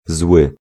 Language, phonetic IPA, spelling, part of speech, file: Polish, [zwɨ], zły, adjective / noun, Pl-zły.ogg